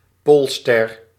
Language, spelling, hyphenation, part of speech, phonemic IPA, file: Dutch, Poolster, Pool‧ster, proper noun, /ˈpoːl.stɛr/, Nl-Poolster.ogg
- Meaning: Polaris